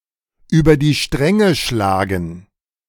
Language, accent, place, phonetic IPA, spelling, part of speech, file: German, Germany, Berlin, [ˈyːbɐ diː ˈʃtʁɛŋə ˈʃlaːɡn̩], über die Stränge schlagen, phrase, De-über die Stränge schlagen.ogg
- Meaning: to kick over the traces